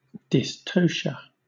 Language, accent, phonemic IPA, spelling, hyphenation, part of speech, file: English, Southern England, /dɪsˈtəʊʃə/, dystocia, dys‧to‧cia, noun, LL-Q1860 (eng)-dystocia.wav
- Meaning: A slow or difficult labour or delivery